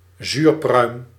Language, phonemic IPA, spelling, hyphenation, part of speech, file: Dutch, /ˈzyːr.prœy̯m/, zuurpruim, zuur‧pruim, noun, Nl-zuurpruim.ogg
- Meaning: a sourpuss, grouch